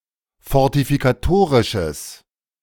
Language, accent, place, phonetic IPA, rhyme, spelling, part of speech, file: German, Germany, Berlin, [fɔʁtifikaˈtoːʁɪʃəs], -oːʁɪʃəs, fortifikatorisches, adjective, De-fortifikatorisches.ogg
- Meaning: strong/mixed nominative/accusative neuter singular of fortifikatorisch